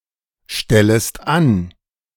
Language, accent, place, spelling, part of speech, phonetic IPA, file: German, Germany, Berlin, stellest an, verb, [ˌʃtɛləst ˈan], De-stellest an.ogg
- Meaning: second-person singular subjunctive I of anstellen